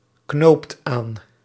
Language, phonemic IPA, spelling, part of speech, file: Dutch, /ˈknopt ˈan/, knoopt aan, verb, Nl-knoopt aan.ogg
- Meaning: inflection of aanknopen: 1. second/third-person singular present indicative 2. plural imperative